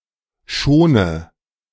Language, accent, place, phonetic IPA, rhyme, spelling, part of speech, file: German, Germany, Berlin, [ˈʃoːnə], -oːnə, schone, verb, De-schone.ogg
- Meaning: inflection of schonen: 1. first-person singular present 2. first/third-person singular subjunctive I 3. singular imperative